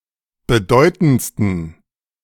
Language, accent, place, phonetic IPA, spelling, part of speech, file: German, Germany, Berlin, [bəˈdɔɪ̯tn̩t͡stən], bedeutendsten, adjective, De-bedeutendsten.ogg
- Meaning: 1. superlative degree of bedeutend 2. inflection of bedeutend: strong genitive masculine/neuter singular superlative degree